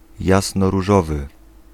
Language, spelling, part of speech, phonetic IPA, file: Polish, jasnoróżowy, adjective, [ˌjasnɔruˈʒɔvɨ], Pl-jasnoróżowy.ogg